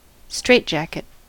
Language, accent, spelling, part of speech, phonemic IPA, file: English, US, straitjacket, noun / verb, /ˈstɹeɪtˌd͡ʒækɪt/, En-us-straitjacket.ogg